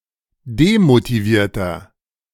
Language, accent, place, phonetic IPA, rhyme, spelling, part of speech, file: German, Germany, Berlin, [demotiˈviːɐ̯tɐ], -iːɐ̯tɐ, demotivierter, adjective, De-demotivierter.ogg
- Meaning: inflection of demotiviert: 1. strong/mixed nominative masculine singular 2. strong genitive/dative feminine singular 3. strong genitive plural